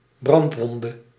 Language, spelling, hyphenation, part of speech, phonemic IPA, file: Dutch, brandwonde, brand‧won‧de, noun, /ˈbrɑntˌʋɔn.də/, Nl-brandwonde.ogg
- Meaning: alternative form of brandwond